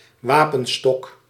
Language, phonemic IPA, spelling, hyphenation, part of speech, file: Dutch, /ˈʋaː.pə(n)ˌstɔk/, wapenstok, wa‧pen‧stok, noun, Nl-wapenstok.ogg
- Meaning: truncheon, baton (blunt weapon)